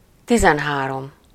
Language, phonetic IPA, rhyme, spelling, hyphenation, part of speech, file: Hungarian, [ˈtizɛnɦaːrom], -om, tizenhárom, ti‧zen‧há‧rom, numeral, Hu-tizenhárom.ogg
- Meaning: thirteen